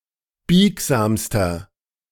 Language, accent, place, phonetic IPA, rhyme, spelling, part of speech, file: German, Germany, Berlin, [ˈbiːkzaːmstɐ], -iːkzaːmstɐ, biegsamster, adjective, De-biegsamster.ogg
- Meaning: inflection of biegsam: 1. strong/mixed nominative masculine singular superlative degree 2. strong genitive/dative feminine singular superlative degree 3. strong genitive plural superlative degree